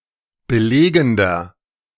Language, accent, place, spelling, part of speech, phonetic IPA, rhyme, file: German, Germany, Berlin, belegender, adjective, [bəˈleːɡn̩dɐ], -eːɡn̩dɐ, De-belegender.ogg
- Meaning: inflection of belegend: 1. strong/mixed nominative masculine singular 2. strong genitive/dative feminine singular 3. strong genitive plural